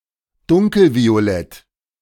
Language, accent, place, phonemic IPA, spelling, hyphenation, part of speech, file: German, Germany, Berlin, /ˈdʊŋkl̩vioˌlɛt/, dunkelviolett, dun‧kel‧vi‧o‧lett, adjective, De-dunkelviolett.ogg
- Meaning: dark violet